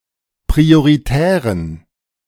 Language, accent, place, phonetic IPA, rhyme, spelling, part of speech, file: German, Germany, Berlin, [pʁioʁiˈtɛːʁən], -ɛːʁən, prioritären, adjective, De-prioritären.ogg
- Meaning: inflection of prioritär: 1. strong genitive masculine/neuter singular 2. weak/mixed genitive/dative all-gender singular 3. strong/weak/mixed accusative masculine singular 4. strong dative plural